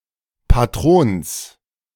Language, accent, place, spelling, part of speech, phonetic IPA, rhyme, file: German, Germany, Berlin, Patrons, noun, [ˌpaˈtʁoːns], -oːns, De-Patrons.ogg
- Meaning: genitive singular of Patron